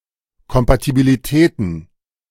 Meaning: plural of Kompatibilität
- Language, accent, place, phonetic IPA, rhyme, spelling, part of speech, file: German, Germany, Berlin, [kɔmpatibiliˈtɛːtn̩], -ɛːtn̩, Kompatibilitäten, noun, De-Kompatibilitäten.ogg